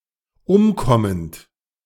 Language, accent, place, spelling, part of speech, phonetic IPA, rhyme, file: German, Germany, Berlin, umkommend, verb, [ˈʊmˌkɔmənt], -ʊmkɔmənt, De-umkommend.ogg
- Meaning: present participle of umkommen